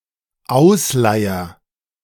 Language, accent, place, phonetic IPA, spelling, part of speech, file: German, Germany, Berlin, [ˈaʊ̯sˌlaɪ̯ɐ], ausleier, verb, De-ausleier.ogg
- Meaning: first-person singular dependent present of ausleiern